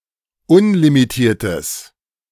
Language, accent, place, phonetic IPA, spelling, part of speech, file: German, Germany, Berlin, [ˈʊnlimiˌtiːɐ̯təs], unlimitiertes, adjective, De-unlimitiertes.ogg
- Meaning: strong/mixed nominative/accusative neuter singular of unlimitiert